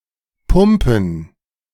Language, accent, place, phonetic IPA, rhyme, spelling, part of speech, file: German, Germany, Berlin, [ˈpʊmpn̩], -ʊmpn̩, Pumpen, noun, De-Pumpen.ogg
- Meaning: plural of Pumpe "pumps"